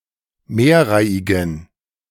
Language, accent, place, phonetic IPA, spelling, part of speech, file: German, Germany, Berlin, [ˈmeːɐ̯ˌʁaɪ̯ɪɡn̩], mehrreihigen, adjective, De-mehrreihigen.ogg
- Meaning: inflection of mehrreihig: 1. strong genitive masculine/neuter singular 2. weak/mixed genitive/dative all-gender singular 3. strong/weak/mixed accusative masculine singular 4. strong dative plural